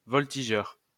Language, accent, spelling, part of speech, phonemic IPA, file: French, France, voltigeur, noun, /vɔl.ti.ʒœʁ/, LL-Q150 (fra)-voltigeur.wav
- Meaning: 1. voltigeur (all senses) 2. outfielder